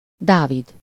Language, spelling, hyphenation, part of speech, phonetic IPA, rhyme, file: Hungarian, Dávid, Dá‧vid, proper noun, [ˈdaːvid], -id, Hu-Dávid.ogg
- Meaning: 1. a male given name from Hebrew, equivalent to English David 2. David (the second king of Judah and Israel) 3. a surname